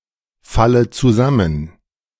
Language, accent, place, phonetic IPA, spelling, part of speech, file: German, Germany, Berlin, [ˌfalə t͡suˈzamən], falle zusammen, verb, De-falle zusammen.ogg
- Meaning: inflection of zusammenfallen: 1. first-person singular present 2. first/third-person singular subjunctive I 3. singular imperative